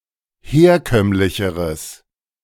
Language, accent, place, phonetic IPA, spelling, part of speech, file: German, Germany, Berlin, [ˈheːɐ̯ˌkœmlɪçəʁəs], herkömmlicheres, adjective, De-herkömmlicheres.ogg
- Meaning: strong/mixed nominative/accusative neuter singular comparative degree of herkömmlich